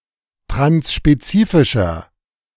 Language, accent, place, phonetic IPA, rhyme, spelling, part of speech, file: German, Germany, Berlin, [tʁansʃpeˈt͡siːfɪʃɐ], -iːfɪʃɐ, transspezifischer, adjective, De-transspezifischer.ogg
- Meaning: inflection of transspezifisch: 1. strong/mixed nominative masculine singular 2. strong genitive/dative feminine singular 3. strong genitive plural